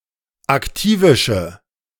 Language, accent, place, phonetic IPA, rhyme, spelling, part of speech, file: German, Germany, Berlin, [akˈtiːvɪʃə], -iːvɪʃə, aktivische, adjective, De-aktivische.ogg
- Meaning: inflection of aktivisch: 1. strong/mixed nominative/accusative feminine singular 2. strong nominative/accusative plural 3. weak nominative all-gender singular